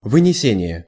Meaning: 1. pronouncement, pronouncing (of a decision, verdict); rendition 2. removal
- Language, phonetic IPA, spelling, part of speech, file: Russian, [vɨnʲɪˈsʲenʲɪje], вынесение, noun, Ru-вынесение.ogg